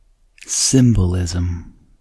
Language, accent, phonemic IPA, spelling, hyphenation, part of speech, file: English, US, /ˈsɪmbəˌlɪzəm/, symbolism, sym‧bol‧ism, noun, En-us-symbolism.ogg
- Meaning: Representation of a concept through symbols or underlying meanings of objects or qualities